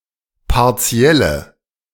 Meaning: inflection of partiell: 1. strong/mixed nominative/accusative feminine singular 2. strong nominative/accusative plural 3. weak nominative all-gender singular
- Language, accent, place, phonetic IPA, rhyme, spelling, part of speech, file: German, Germany, Berlin, [paʁˈt͡si̯ɛlə], -ɛlə, partielle, adjective, De-partielle.ogg